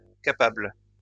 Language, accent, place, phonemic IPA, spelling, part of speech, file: French, France, Lyon, /ka.pabl/, capables, adjective, LL-Q150 (fra)-capables.wav
- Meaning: plural of capable